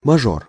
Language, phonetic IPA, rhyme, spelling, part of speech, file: Russian, [mɐˈʐor], -or, мажор, noun, Ru-мажор.ogg
- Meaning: 1. major 2. rich kid, nepo baby (a child of wealthy parents who uses their parents' wealth without being a productive person themselves)